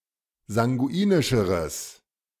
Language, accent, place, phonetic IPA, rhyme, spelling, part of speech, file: German, Germany, Berlin, [zaŋɡuˈiːnɪʃəʁəs], -iːnɪʃəʁəs, sanguinischeres, adjective, De-sanguinischeres.ogg
- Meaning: strong/mixed nominative/accusative neuter singular comparative degree of sanguinisch